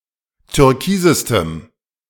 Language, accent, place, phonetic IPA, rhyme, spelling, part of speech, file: German, Germany, Berlin, [tʏʁˈkiːzəstəm], -iːzəstəm, türkisestem, adjective, De-türkisestem.ogg
- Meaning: strong dative masculine/neuter singular superlative degree of türkis